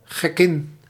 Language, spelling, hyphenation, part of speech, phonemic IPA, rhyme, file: Dutch, gekkin, gek‧kin, noun, /ɣɛˈkɪn/, -ɪn, Nl-gekkin.ogg
- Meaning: a madwoman, a crazy woman